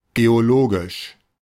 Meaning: geologic, geological
- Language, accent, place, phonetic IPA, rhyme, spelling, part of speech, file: German, Germany, Berlin, [ɡeoˈloːɡɪʃ], -oːɡɪʃ, geologisch, adjective, De-geologisch.ogg